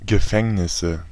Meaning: nominative/accusative/genitive plural of Gefängnis
- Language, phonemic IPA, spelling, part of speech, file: German, /ɡəˈfɛŋnɪsə/, Gefängnisse, noun, De-Gefängnisse.ogg